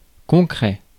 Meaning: 1. concrete, real, existing 2. specific
- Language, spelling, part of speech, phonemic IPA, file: French, concret, adjective, /kɔ̃.kʁɛ/, Fr-concret.ogg